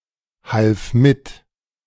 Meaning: first/third-person singular preterite of mithelfen
- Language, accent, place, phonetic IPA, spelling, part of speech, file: German, Germany, Berlin, [ˌhalf ˈmɪt], half mit, verb, De-half mit.ogg